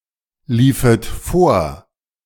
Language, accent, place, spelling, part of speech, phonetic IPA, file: German, Germany, Berlin, liefet vor, verb, [ˌliːfət ˈfoːɐ̯], De-liefet vor.ogg
- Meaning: second-person plural subjunctive II of vorlaufen